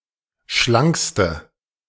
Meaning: inflection of schlank: 1. strong/mixed nominative/accusative feminine singular superlative degree 2. strong nominative/accusative plural superlative degree
- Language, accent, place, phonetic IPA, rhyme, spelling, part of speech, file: German, Germany, Berlin, [ˈʃlaŋkstə], -aŋkstə, schlankste, adjective, De-schlankste.ogg